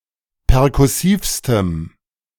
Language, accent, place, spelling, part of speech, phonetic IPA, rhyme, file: German, Germany, Berlin, perkussivstem, adjective, [pɛʁkʊˈsiːfstəm], -iːfstəm, De-perkussivstem.ogg
- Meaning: strong dative masculine/neuter singular superlative degree of perkussiv